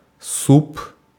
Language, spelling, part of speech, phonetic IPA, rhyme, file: Russian, суп, noun, [sup], -up, Ru-суп.ogg
- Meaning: soup (dish)